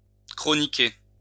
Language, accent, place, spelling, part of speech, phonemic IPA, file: French, France, Lyon, chroniquer, verb, /kʁɔ.ni.ke/, LL-Q150 (fra)-chroniquer.wav
- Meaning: 1. to write a column (for a newpaper) 2. to chronicle